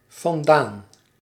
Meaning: from, away
- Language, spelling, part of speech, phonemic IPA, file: Dutch, vandaan, adverb, /vɑnˈdan/, Nl-vandaan.ogg